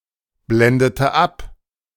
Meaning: inflection of abblenden: 1. first/third-person singular preterite 2. first/third-person singular subjunctive II
- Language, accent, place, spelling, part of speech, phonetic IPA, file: German, Germany, Berlin, blendete ab, verb, [ˌblɛndətə ˈap], De-blendete ab.ogg